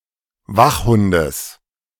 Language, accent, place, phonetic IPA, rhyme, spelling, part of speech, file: German, Germany, Berlin, [ˈvaxˌhʊndəs], -axhʊndəs, Wachhundes, noun, De-Wachhundes.ogg
- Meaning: genitive singular of Wachhund